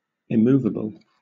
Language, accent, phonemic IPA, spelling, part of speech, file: English, Southern England, /ɪˈmuːvəb(ə)l/, immovable, adjective / noun, LL-Q1860 (eng)-immovable.wav
- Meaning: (adjective) 1. Incapable of being physically moved: fixed 2. Steadfast in purpose or intention: unalterable, unyielding 3. Not capable of being affected or moved in feeling: impassive